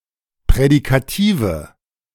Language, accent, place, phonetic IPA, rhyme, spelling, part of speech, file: German, Germany, Berlin, [pʁɛdikaˈtiːvə], -iːvə, prädikative, adjective, De-prädikative.ogg
- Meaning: inflection of prädikativ: 1. strong/mixed nominative/accusative feminine singular 2. strong nominative/accusative plural 3. weak nominative all-gender singular